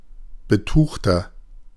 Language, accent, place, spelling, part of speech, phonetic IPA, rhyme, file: German, Germany, Berlin, betuchter, adjective, [bəˈtuːxtɐ], -uːxtɐ, De-betuchter.ogg
- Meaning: 1. comparative degree of betucht 2. inflection of betucht: strong/mixed nominative masculine singular 3. inflection of betucht: strong genitive/dative feminine singular